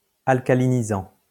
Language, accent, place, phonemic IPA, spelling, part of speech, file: French, France, Lyon, /al.ka.li.ni.zɑ̃/, alcalinisant, verb, LL-Q150 (fra)-alcalinisant.wav
- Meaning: present participle of alcaliniser